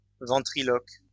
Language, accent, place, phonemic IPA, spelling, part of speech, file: French, France, Lyon, /vɑ̃.tʁi.lɔk/, ventriloque, noun, LL-Q150 (fra)-ventriloque.wav
- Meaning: ventriloquist